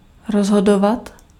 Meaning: imperfective form of rozhodnout
- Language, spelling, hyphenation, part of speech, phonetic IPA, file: Czech, rozhodovat, roz‧ho‧do‧vat, verb, [ˈrozɦodovat], Cs-rozhodovat.ogg